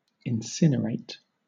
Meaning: 1. To destroy by burning 2. To annihilate (not necessarily by burning)
- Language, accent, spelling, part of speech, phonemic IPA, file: English, Southern England, incinerate, verb, /ɪnˈsɪnəɹeɪt/, LL-Q1860 (eng)-incinerate.wav